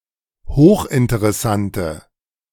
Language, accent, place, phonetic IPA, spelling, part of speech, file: German, Germany, Berlin, [ˈhoːxʔɪntəʁɛˌsantə], hochinteressante, adjective, De-hochinteressante.ogg
- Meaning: inflection of hochinteressant: 1. strong/mixed nominative/accusative feminine singular 2. strong nominative/accusative plural 3. weak nominative all-gender singular